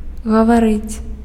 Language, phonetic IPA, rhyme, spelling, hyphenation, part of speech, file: Belarusian, [ɣavaˈrɨt͡sʲ], -ɨt͡sʲ, гаварыць, га‧ва‧рыць, verb, Be-гаварыць.ogg
- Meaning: 1. to speak, to talk 2. to say, to tell